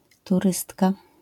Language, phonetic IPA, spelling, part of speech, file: Polish, [tuˈrɨstka], turystka, noun, LL-Q809 (pol)-turystka.wav